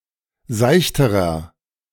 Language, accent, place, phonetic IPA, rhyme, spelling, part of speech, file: German, Germany, Berlin, [ˈzaɪ̯çtəʁɐ], -aɪ̯çtəʁɐ, seichterer, adjective, De-seichterer.ogg
- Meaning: inflection of seicht: 1. strong/mixed nominative masculine singular comparative degree 2. strong genitive/dative feminine singular comparative degree 3. strong genitive plural comparative degree